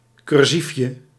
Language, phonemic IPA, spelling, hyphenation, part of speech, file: Dutch, /ˌkʏrˈsif.jə/, cursiefje, cur‧sief‧je, noun, Nl-cursiefje.ogg
- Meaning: a small column (in a newspaper) about everyday situations